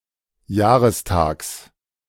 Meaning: genitive of Jahrestag
- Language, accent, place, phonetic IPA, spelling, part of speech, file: German, Germany, Berlin, [ˈjaːʁəsˌtaːks], Jahrestags, noun, De-Jahrestags.ogg